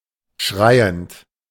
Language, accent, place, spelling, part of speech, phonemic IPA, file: German, Germany, Berlin, schreiend, verb, /ˈʃʁaɪ̯ənt/, De-schreiend.ogg
- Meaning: present participle of schreien